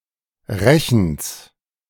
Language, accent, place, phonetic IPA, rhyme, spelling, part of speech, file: German, Germany, Berlin, [ˈʁɛçn̩s], -ɛçn̩s, Rechens, noun, De-Rechens.ogg
- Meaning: genitive singular of Rechen